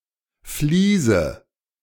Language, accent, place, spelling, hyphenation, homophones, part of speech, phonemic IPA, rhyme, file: German, Germany, Berlin, Vliese, Vlie‧se, Fliese, noun, /ˈfliːzə/, -iːzə, De-Vliese.ogg
- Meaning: nominative/accusative/genitive plural of Vlies